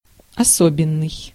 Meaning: special (unique)
- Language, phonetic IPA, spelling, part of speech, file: Russian, [ɐˈsobʲɪn(ː)ɨj], особенный, adjective, Ru-особенный.ogg